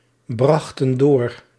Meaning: inflection of doorbrengen: 1. plural past indicative 2. plural past subjunctive
- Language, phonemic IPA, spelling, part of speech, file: Dutch, /ˈbrɑxtə(n) ˈdor/, brachten door, verb, Nl-brachten door.ogg